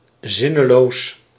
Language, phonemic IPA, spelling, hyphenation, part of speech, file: Dutch, /ˈzɪ.nəˌloːs/, zinneloos, zin‧ne‧loos, adjective, Nl-zinneloos.ogg
- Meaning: insane, mad, senseless